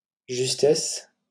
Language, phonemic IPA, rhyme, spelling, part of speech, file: French, /ʒys.tɛs/, -ɛs, justesse, noun, LL-Q150 (fra)-justesse.wav
- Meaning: 1. rightness, correctness 2. justness 3. equity, justice, fairness